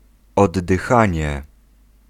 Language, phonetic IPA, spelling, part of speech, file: Polish, [ˌɔdːɨˈxãɲɛ], oddychanie, noun, Pl-oddychanie.ogg